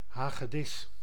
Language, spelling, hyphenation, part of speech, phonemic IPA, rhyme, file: Dutch, hagedis, ha‧ge‧dis, noun, /ˌɦaːɣəˈdɪs/, -ɪs, Nl-hagedis.ogg
- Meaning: lizard, non-snake reptilian of the subclass Squamata, especially of the Lacertilia